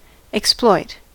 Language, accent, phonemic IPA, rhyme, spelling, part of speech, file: English, US, /ɪksˈplɔɪt/, -ɔɪt, exploit, verb, En-us-exploit.ogg
- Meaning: 1. To use (something) to someone's advantage, such as one's own benefit or a society's benefit 2. To make unfair use of someone else's labor, person, or property to one's own advantage